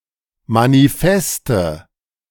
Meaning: nominative/accusative/genitive plural of Manifest
- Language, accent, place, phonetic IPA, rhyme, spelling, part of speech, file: German, Germany, Berlin, [maniˈfɛstə], -ɛstə, Manifeste, noun, De-Manifeste.ogg